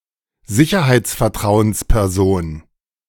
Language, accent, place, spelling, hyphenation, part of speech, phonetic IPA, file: German, Germany, Berlin, Sicherheitsvertrauensperson, Si‧cher‧heits‧ver‧trau‧ens‧per‧son, noun, [ˈzɪçɐhaɪ̯tsfɛɐ̯ˈtʁaʊ̯ənspɛʁˌzoːn], De-Sicherheitsvertrauensperson.ogg
- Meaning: trusted person for health and security issues in a company